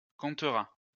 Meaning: third-person singular future of compter
- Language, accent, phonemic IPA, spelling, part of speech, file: French, France, /kɔ̃.tʁa/, comptera, verb, LL-Q150 (fra)-comptera.wav